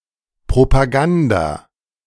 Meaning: propaganda
- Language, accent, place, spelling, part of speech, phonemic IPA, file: German, Germany, Berlin, Propaganda, noun, /pʁopaˈɡanda/, De-Propaganda.ogg